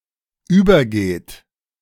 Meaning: inflection of übergehen: 1. third-person singular present 2. second-person plural present
- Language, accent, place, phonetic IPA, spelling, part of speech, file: German, Germany, Berlin, [ˈyːbɐˌɡeːt], übergeht, verb, De-übergeht.ogg